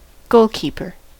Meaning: A designated player that attempts to prevent the opposing team from scoring by protecting a goal
- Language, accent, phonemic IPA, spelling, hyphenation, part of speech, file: English, US, /ˈɡoʊl.kiːpɚ/, goalkeeper, goal‧keep‧er, noun, En-us-goalkeeper.ogg